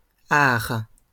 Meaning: plural of art
- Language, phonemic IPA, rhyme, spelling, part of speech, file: French, /aʁ/, -aʁ, arts, noun, LL-Q150 (fra)-arts.wav